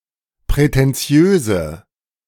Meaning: inflection of prätentiös: 1. strong/mixed nominative/accusative feminine singular 2. strong nominative/accusative plural 3. weak nominative all-gender singular
- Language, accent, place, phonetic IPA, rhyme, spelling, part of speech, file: German, Germany, Berlin, [pʁɛtɛnˈt͡si̯øːzə], -øːzə, prätentiöse, adjective, De-prätentiöse.ogg